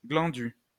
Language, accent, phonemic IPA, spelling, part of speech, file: French, France, /ɡlɑ̃.dy/, glandu, adjective, LL-Q150 (fra)-glandu.wav
- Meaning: fool, nonce, tosser